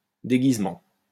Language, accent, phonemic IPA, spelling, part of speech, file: French, France, /de.ɡiz.mɑ̃/, déguisement, noun, LL-Q150 (fra)-déguisement.wav
- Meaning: 1. disguise, costume (outfit worn to hide one's identity) 2. camouflage 3. fancy dress